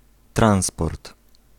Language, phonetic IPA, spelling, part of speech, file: Polish, [ˈtrãw̃spɔrt], transport, noun, Pl-transport.ogg